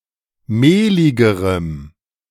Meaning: strong dative masculine/neuter singular comparative degree of mehlig
- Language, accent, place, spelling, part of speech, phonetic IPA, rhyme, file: German, Germany, Berlin, mehligerem, adjective, [ˈmeːlɪɡəʁəm], -eːlɪɡəʁəm, De-mehligerem.ogg